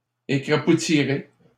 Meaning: second-person plural simple future of écrapoutir
- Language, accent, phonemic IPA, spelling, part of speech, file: French, Canada, /e.kʁa.pu.ti.ʁe/, écrapoutirez, verb, LL-Q150 (fra)-écrapoutirez.wav